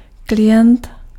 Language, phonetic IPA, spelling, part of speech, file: Czech, [ˈklɪjɛnt], klient, noun, Cs-klient.ogg
- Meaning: 1. client (customer a buyer or receiver of goods or services) 2. client (computer application or system that remotely takes advantage of a server application or a system)